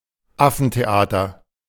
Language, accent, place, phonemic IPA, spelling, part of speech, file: German, Germany, Berlin, /ˈafn̩teˌʔaːtɐ/, Affentheater, noun, De-Affentheater.ogg
- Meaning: charade